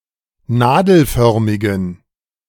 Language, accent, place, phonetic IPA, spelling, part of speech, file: German, Germany, Berlin, [ˈnaːdl̩ˌfœʁmɪɡn̩], nadelförmigen, adjective, De-nadelförmigen.ogg
- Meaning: inflection of nadelförmig: 1. strong genitive masculine/neuter singular 2. weak/mixed genitive/dative all-gender singular 3. strong/weak/mixed accusative masculine singular 4. strong dative plural